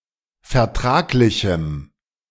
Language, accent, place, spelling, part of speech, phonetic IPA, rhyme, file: German, Germany, Berlin, vertraglichem, adjective, [fɛɐ̯ˈtʁaːklɪçm̩], -aːklɪçm̩, De-vertraglichem.ogg
- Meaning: strong dative masculine/neuter singular of vertraglich